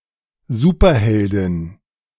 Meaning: superheroine
- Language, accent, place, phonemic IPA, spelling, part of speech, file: German, Germany, Berlin, /ˈzuːpɐˌhɛldɪn/, Superheldin, noun, De-Superheldin.ogg